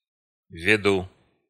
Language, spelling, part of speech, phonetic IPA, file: Russian, веду, verb, [vʲɪˈdu], Ru-веду.ogg
- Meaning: first-person singular present indicative imperfective of вести́ (vestí)